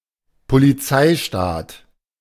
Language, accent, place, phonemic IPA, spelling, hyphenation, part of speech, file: German, Germany, Berlin, /poliˈt͡saɪ̯ˌʃtaːt/, Polizeistaat, Po‧li‧zei‧staat, noun, De-Polizeistaat.ogg
- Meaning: police state